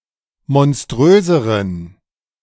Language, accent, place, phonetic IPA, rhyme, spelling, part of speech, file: German, Germany, Berlin, [mɔnˈstʁøːzəʁən], -øːzəʁən, monströseren, adjective, De-monströseren.ogg
- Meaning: inflection of monströs: 1. strong genitive masculine/neuter singular comparative degree 2. weak/mixed genitive/dative all-gender singular comparative degree